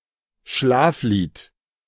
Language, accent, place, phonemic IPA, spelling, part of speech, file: German, Germany, Berlin, /ˈʃlaːfˌliːt/, Schlaflied, noun, De-Schlaflied.ogg
- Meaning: lullaby (soothing song to lull children to sleep)